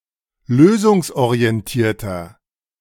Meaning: inflection of lösungsorientiert: 1. strong/mixed nominative masculine singular 2. strong genitive/dative feminine singular 3. strong genitive plural
- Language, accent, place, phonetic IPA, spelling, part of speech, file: German, Germany, Berlin, [ˈløːzʊŋsʔoʁiɛnˌtiːɐ̯tɐ], lösungsorientierter, adjective, De-lösungsorientierter.ogg